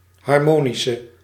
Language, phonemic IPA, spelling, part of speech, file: Dutch, /ɦɑrˈmoːnisə/, harmonische, adjective / noun, Nl-harmonische.ogg
- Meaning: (adjective) inflection of harmonisch: 1. masculine/feminine singular attributive 2. definite neuter singular attributive 3. plural attributive; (noun) harmonic